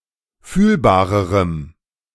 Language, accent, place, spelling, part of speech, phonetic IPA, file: German, Germany, Berlin, fühlbarerem, adjective, [ˈfyːlbaːʁəʁəm], De-fühlbarerem.ogg
- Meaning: strong dative masculine/neuter singular comparative degree of fühlbar